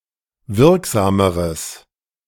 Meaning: strong/mixed nominative/accusative neuter singular comparative degree of wirksam
- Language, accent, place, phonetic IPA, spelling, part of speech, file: German, Germany, Berlin, [ˈvɪʁkˌzaːməʁəs], wirksameres, adjective, De-wirksameres.ogg